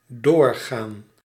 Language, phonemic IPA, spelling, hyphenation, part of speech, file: Dutch, /ˈdoːrɣaːn/, doorgaan, door‧gaan, verb, Nl-doorgaan.ogg
- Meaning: 1. to go through (with), to proceed, continue 2. to take place, (hence negated) to fall through, be cancelled